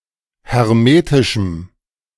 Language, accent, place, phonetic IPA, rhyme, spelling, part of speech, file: German, Germany, Berlin, [hɛʁˈmeːtɪʃm̩], -eːtɪʃm̩, hermetischem, adjective, De-hermetischem.ogg
- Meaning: strong dative masculine/neuter singular of hermetisch